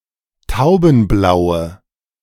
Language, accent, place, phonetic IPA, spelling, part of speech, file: German, Germany, Berlin, [ˈtaʊ̯bn̩ˌblaʊ̯ə], taubenblaue, adjective, De-taubenblaue.ogg
- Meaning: inflection of taubenblau: 1. strong/mixed nominative/accusative feminine singular 2. strong nominative/accusative plural 3. weak nominative all-gender singular